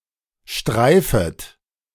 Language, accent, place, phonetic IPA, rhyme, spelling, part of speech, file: German, Germany, Berlin, [ˈʃtʁaɪ̯fət], -aɪ̯fət, streifet, verb, De-streifet.ogg
- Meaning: second-person plural subjunctive I of streifen